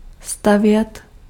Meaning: to build
- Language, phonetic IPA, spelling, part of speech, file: Czech, [ˈstavjɛt], stavět, verb, Cs-stavět.ogg